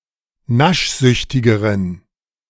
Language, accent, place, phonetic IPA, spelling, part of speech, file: German, Germany, Berlin, [ˈnaʃˌzʏçtɪɡəʁən], naschsüchtigeren, adjective, De-naschsüchtigeren.ogg
- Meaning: inflection of naschsüchtig: 1. strong genitive masculine/neuter singular comparative degree 2. weak/mixed genitive/dative all-gender singular comparative degree